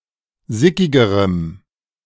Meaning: strong dative masculine/neuter singular comparative degree of sickig
- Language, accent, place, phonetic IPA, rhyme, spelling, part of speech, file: German, Germany, Berlin, [ˈzɪkɪɡəʁəm], -ɪkɪɡəʁəm, sickigerem, adjective, De-sickigerem.ogg